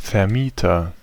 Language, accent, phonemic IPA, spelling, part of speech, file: German, Germany, /fɛɐ̯ˈmiːtɐ/, Vermieter, noun, De-Vermieter.ogg
- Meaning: landlord (he who rents, lets)